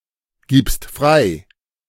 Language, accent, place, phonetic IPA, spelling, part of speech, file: German, Germany, Berlin, [ˌɡiːpst ˈfʁaɪ̯], gibst frei, verb, De-gibst frei.ogg
- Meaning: second-person singular present of freigeben